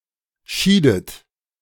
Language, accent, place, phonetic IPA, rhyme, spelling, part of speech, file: German, Germany, Berlin, [ˈʃiːdət], -iːdət, schiedet, verb, De-schiedet.ogg
- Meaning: inflection of scheiden: 1. second-person plural preterite 2. second-person plural subjunctive II